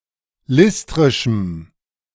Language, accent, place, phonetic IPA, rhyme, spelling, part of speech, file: German, Germany, Berlin, [ˈlɪstʁɪʃm̩], -ɪstʁɪʃm̩, listrischem, adjective, De-listrischem.ogg
- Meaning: strong dative masculine/neuter singular of listrisch